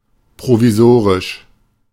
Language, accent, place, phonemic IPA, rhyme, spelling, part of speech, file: German, Germany, Berlin, /pʁoviˈzoːʁɪʃ/, -oːʁɪʃ, provisorisch, adjective, De-provisorisch.ogg
- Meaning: provisory, provisional